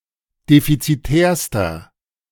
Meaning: inflection of defizitär: 1. strong/mixed nominative masculine singular superlative degree 2. strong genitive/dative feminine singular superlative degree 3. strong genitive plural superlative degree
- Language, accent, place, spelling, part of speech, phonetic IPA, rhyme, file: German, Germany, Berlin, defizitärster, adjective, [ˌdefit͡siˈtɛːɐ̯stɐ], -ɛːɐ̯stɐ, De-defizitärster.ogg